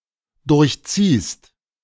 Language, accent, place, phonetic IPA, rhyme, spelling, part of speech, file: German, Germany, Berlin, [ˌdʊʁçˈt͡siːst], -iːst, durchziehst, verb, De-durchziehst.ogg
- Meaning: second-person singular dependent present of durchziehen